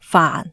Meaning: 1. Jyutping transcription of 汎 /泛 2. Jyutping transcription of 煩 /烦
- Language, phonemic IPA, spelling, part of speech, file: Cantonese, /faːn˩/, faan4, romanization, Yue-faan4.ogg